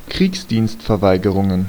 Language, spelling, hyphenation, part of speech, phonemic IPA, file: German, Kriegsdienstverweigerungen, Kriegs‧dienst‧ver‧wei‧ge‧run‧gen, noun, /ˈkʁiːksdiːnstfɛɐ̯ˌvaɪ̯ɡəʁʊŋən/, De-Kriegsdienstverweigerungen.ogg
- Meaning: plural of Kriegsdienstverweigerung